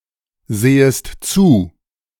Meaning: second-person singular subjunctive I of zusehen
- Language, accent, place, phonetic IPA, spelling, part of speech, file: German, Germany, Berlin, [ˌzeːəst ˈt͡suː], sehest zu, verb, De-sehest zu.ogg